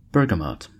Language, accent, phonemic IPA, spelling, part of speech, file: English, US, /ˈbɝɡəˌmɑt/, bergamot, noun, En-us-bergamot.ogg